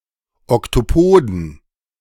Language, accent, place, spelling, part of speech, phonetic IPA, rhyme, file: German, Germany, Berlin, Oktopoden, noun, [ɔktoˈpoːdn̩], -oːdn̩, De-Oktopoden.ogg
- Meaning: plural of Oktopus